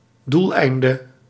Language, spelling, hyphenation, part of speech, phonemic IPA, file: Dutch, doeleinde, doel‧ein‧de, noun, /ˈdulˌɛi̯n.də/, Nl-doeleinde.ogg
- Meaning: aim, objective, end